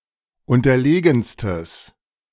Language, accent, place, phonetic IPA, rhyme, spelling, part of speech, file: German, Germany, Berlin, [ˌʊntɐˈleːɡn̩stəs], -eːɡn̩stəs, unterlegenstes, adjective, De-unterlegenstes.ogg
- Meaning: strong/mixed nominative/accusative neuter singular superlative degree of unterlegen